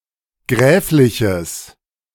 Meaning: strong/mixed nominative/accusative neuter singular of gräflich
- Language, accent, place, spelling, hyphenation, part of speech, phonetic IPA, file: German, Germany, Berlin, gräfliches, gräf‧li‧ches, adjective, [ˈɡʁɛːflɪçəs], De-gräfliches.ogg